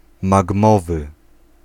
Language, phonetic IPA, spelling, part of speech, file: Polish, [maɡˈmɔvɨ], magmowy, adjective, Pl-magmowy.ogg